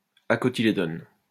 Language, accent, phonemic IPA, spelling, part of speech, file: French, France, /a.kɔ.ti.le.dɔn/, acotylédone, adjective / noun, LL-Q150 (fra)-acotylédone.wav
- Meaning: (adjective) acotyledonous; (noun) acotyledon